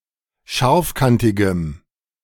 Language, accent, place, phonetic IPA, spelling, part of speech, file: German, Germany, Berlin, [ˈʃaʁfˌkantɪɡəm], scharfkantigem, adjective, De-scharfkantigem.ogg
- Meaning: strong dative masculine/neuter singular of scharfkantig